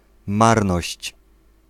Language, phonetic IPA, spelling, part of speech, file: Polish, [ˈmarnɔɕt͡ɕ], marność, noun, Pl-marność.ogg